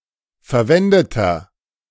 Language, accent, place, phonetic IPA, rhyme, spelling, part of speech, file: German, Germany, Berlin, [fɛɐ̯ˈvɛndətɐ], -ɛndətɐ, verwendeter, adjective, De-verwendeter.ogg
- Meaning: inflection of verwendet: 1. strong/mixed nominative masculine singular 2. strong genitive/dative feminine singular 3. strong genitive plural